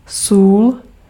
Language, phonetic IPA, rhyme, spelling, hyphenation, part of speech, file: Czech, [ˈsuːl], -uːl, sůl, sůl, noun, Cs-sůl.ogg
- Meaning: salt (A common substance, chemically consisting mainly of sodium chloride (NaCl), used extensively as a condiment and preservative.)